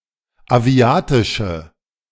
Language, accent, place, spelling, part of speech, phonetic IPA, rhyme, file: German, Germany, Berlin, aviatische, adjective, [aˈvi̯aːtɪʃə], -aːtɪʃə, De-aviatische.ogg
- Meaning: inflection of aviatisch: 1. strong/mixed nominative/accusative feminine singular 2. strong nominative/accusative plural 3. weak nominative all-gender singular